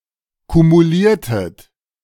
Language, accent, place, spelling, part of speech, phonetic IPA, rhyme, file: German, Germany, Berlin, kumuliertet, verb, [kumuˈliːɐ̯tət], -iːɐ̯tət, De-kumuliertet.ogg
- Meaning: inflection of kumulieren: 1. second-person plural preterite 2. second-person plural subjunctive II